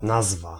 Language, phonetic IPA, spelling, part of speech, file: Polish, [ˈnazva], nazwa, noun, Pl-nazwa.ogg